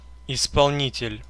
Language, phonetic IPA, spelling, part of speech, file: Russian, [ɪspɐɫˈnʲitʲɪlʲ], исполнитель, noun, Ru-исполнитель.ogg
- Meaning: 1. executor 2. doer, performer 3. contractor